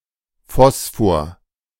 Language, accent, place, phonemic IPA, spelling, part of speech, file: German, Germany, Berlin, /ˈfɔsfoɐ/, Phosphor, noun, De-Phosphor.ogg
- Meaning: 1. phosphorus 2. phosphor